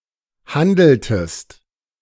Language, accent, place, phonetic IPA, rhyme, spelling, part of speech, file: German, Germany, Berlin, [ˈhandl̩təst], -andl̩təst, handeltest, verb, De-handeltest.ogg
- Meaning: inflection of handeln: 1. second-person singular preterite 2. second-person singular subjunctive II